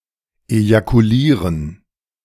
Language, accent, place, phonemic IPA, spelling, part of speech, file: German, Germany, Berlin, /ejakuˈliːʁən/, ejakulieren, verb, De-ejakulieren.ogg
- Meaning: to ejaculate (of a male, to eject semen, or, of a female, to eject vaginal fluid during an orgasm)